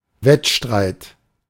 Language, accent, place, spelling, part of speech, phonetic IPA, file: German, Germany, Berlin, Wettstreit, noun, [ˈvɛtˌʃtʁaɪ̯t], De-Wettstreit.ogg
- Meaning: 1. competition (the act of competing or a situation characterised by it) 2. contest; match; an organised competition